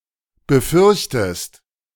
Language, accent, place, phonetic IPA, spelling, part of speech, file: German, Germany, Berlin, [bəˈfʏʁçtəst], befürchtest, verb, De-befürchtest.ogg
- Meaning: inflection of befürchten: 1. second-person singular present 2. second-person singular subjunctive I